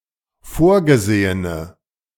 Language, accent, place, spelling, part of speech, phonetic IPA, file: German, Germany, Berlin, vorgesehene, adjective, [ˈfoːɐ̯ɡəˌzeːənə], De-vorgesehene.ogg
- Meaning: inflection of vorgesehen: 1. strong/mixed nominative/accusative feminine singular 2. strong nominative/accusative plural 3. weak nominative all-gender singular